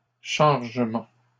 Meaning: plural of chargement
- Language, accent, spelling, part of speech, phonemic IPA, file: French, Canada, chargements, noun, /ʃaʁ.ʒə.mɑ̃/, LL-Q150 (fra)-chargements.wav